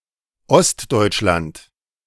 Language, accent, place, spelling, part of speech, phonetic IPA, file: German, Germany, Berlin, Ostdeutschland, proper noun, [ˈɔstdɔɪ̯t͡ʃˌlant], De-Ostdeutschland.ogg
- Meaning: Eastern Germany (a geographic region of eastern Germany, especially the territories east of the Elbe or (formerly) Oder)